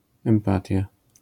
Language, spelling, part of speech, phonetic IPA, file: Polish, empatia, noun, [ɛ̃mˈpatʲja], LL-Q809 (pol)-empatia.wav